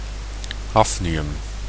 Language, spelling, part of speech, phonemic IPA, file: Dutch, hafnium, noun, /ˈhɑfniˌjʏm/, Nl-hafnium.ogg
- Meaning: hafnium